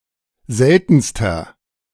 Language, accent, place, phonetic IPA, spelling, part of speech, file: German, Germany, Berlin, [ˈzɛltn̩stɐ], seltenster, adjective, De-seltenster.ogg
- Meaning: inflection of selten: 1. strong/mixed nominative masculine singular superlative degree 2. strong genitive/dative feminine singular superlative degree 3. strong genitive plural superlative degree